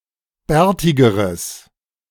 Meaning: strong/mixed nominative/accusative neuter singular comparative degree of bärtig
- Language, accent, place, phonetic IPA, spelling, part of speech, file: German, Germany, Berlin, [ˈbɛːɐ̯tɪɡəʁəs], bärtigeres, adjective, De-bärtigeres.ogg